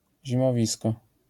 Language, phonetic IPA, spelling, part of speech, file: Polish, [ˌʑĩmɔˈvʲiskɔ], zimowisko, noun, LL-Q809 (pol)-zimowisko.wav